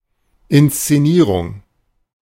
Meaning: 1. production, staging, orchestration, showmanship 2. posturing (assumption of an exaggerated pose or attitude)
- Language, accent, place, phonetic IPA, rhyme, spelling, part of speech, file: German, Germany, Berlin, [ˌɪnst͡seˈniːʁʊŋ], -iːʁʊŋ, Inszenierung, noun, De-Inszenierung.ogg